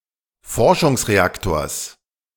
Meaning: genitive singular of Forschungsreaktor
- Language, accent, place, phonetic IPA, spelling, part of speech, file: German, Germany, Berlin, [ˈfɔʁʃʊŋsʁeˌaktoːɐ̯s], Forschungsreaktors, noun, De-Forschungsreaktors.ogg